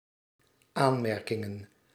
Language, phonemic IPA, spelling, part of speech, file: Dutch, /ˈanmɛrkɪŋə(n)/, aanmerkingen, noun, Nl-aanmerkingen.ogg
- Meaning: plural of aanmerking